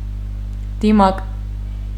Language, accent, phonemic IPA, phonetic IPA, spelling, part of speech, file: Armenian, Eastern Armenian, /diˈmɑk/, [dimɑ́k], դիմակ, noun, Hy-դիմակ.ogg
- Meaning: mask